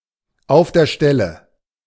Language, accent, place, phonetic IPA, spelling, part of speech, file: German, Germany, Berlin, [aʊ̯f deːɐ̯ ˈʃtɛlə], auf der Stelle, phrase, De-auf der Stelle.ogg
- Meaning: immediately, on the spot